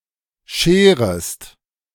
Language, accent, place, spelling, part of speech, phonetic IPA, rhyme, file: German, Germany, Berlin, scherest, verb, [ˈʃeːʁəst], -eːʁəst, De-scherest.ogg
- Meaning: second-person singular subjunctive I of scheren